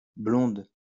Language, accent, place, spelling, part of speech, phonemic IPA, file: French, France, Lyon, blonde, adjective / noun, /blɔ̃d/, LL-Q150 (fra)-blonde.wav
- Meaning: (adjective) feminine singular of blond; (noun) 1. blonde, female with blonde hair 2. light beer 3. girlfriend